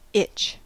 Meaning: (noun) 1. A sensation felt on an area of the skin that causes a person or animal to want to scratch said area 2. A constant teasing desire or want; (verb) To feel itchy; to feel a need to be scratched
- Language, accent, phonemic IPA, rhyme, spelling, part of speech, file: English, US, /ɪt͡ʃ/, -ɪtʃ, itch, noun / verb, En-us-itch.ogg